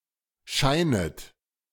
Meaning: second-person plural subjunctive I of scheinen
- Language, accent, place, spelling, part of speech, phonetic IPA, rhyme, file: German, Germany, Berlin, scheinet, verb, [ˈʃaɪ̯nət], -aɪ̯nət, De-scheinet.ogg